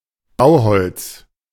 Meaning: timber, lumber
- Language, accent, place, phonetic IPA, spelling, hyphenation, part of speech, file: German, Germany, Berlin, [ˈbaʊ̯ˌhɔlts], Bauholz, Bau‧holz, noun, De-Bauholz.ogg